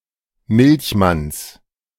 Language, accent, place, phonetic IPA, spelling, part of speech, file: German, Germany, Berlin, [ˈmɪlçˌmans], Milchmanns, noun, De-Milchmanns.ogg
- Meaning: genitive singular of Milchmann